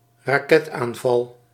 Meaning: rocket attack, rocket strike, missile strike
- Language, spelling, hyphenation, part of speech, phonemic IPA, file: Dutch, raketaanval, ra‧ket‧aan‧val, noun, /raːˈkɛt.aːnˌvɑl/, Nl-raketaanval.ogg